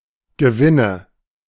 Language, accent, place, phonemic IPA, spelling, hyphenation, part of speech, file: German, Germany, Berlin, /ɡəˈvɪnə/, Gewinne, Ge‧win‧ne, noun, De-Gewinne.ogg
- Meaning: nominative/accusative/genitive plural of Gewinn